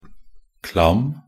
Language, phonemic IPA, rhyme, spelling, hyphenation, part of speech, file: Norwegian Bokmål, /klam/, -am, klam, klam, adjective, Nb-klam.ogg
- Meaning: 1. clammy; damp, moist and cold (especially regarding human skin or the air) 2. piercing, unpleasant (of a mood or atmosphere) 3. awkward